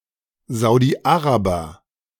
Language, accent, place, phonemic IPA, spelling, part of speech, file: German, Germany, Berlin, /zaʊ̯diˈaʁabɐ/, Saudi-Araber, noun, De-Saudi-Araber.ogg
- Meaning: Saudi Arabian (person from Saudi Arabia)